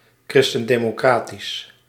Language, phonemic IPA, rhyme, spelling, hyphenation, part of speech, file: Dutch, /ˌkrɪs.tən.deː.moːˈkraː.tis/, -aːtis, christendemocratisch, chris‧ten‧de‧mo‧cra‧tisch, adjective, Nl-christendemocratisch.ogg
- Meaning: Christian-democratic